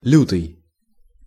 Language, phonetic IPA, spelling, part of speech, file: Russian, [ˈlʲutɨj], лютый, adjective / noun, Ru-лютый.ogg
- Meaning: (adjective) fierce, cruel, grim; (noun) February